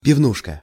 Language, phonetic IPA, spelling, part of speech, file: Russian, [pʲɪvˈnuʂkə], пивнушка, noun, Ru-пивнушка.ogg
- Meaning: bar, pub